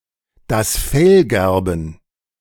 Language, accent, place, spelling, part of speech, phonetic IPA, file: German, Germany, Berlin, das Fell gerben, verb, [das ˈfɛl ˈɡɛʁbn̩], De-das Fell gerben.ogg
- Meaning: to tan someone's hide